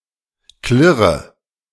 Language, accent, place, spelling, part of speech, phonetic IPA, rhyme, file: German, Germany, Berlin, klirre, verb, [ˈklɪʁə], -ɪʁə, De-klirre.ogg
- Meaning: inflection of klirren: 1. first-person singular present 2. first/third-person singular subjunctive I 3. singular imperative